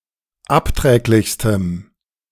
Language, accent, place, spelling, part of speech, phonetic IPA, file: German, Germany, Berlin, abträglichstem, adjective, [ˈapˌtʁɛːklɪçstəm], De-abträglichstem.ogg
- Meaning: strong dative masculine/neuter singular superlative degree of abträglich